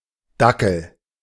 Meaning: 1. dachshund (sausage dog, wiener dog) 2. a similar-looking dog, e.g. a basset hound
- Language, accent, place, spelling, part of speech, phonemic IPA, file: German, Germany, Berlin, Dackel, noun, /ˈdakəl/, De-Dackel.ogg